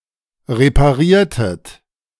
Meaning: inflection of reparieren: 1. second-person plural preterite 2. second-person plural subjunctive II
- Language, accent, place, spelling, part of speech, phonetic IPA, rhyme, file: German, Germany, Berlin, repariertet, verb, [ʁepaˈʁiːɐ̯tət], -iːɐ̯tət, De-repariertet.ogg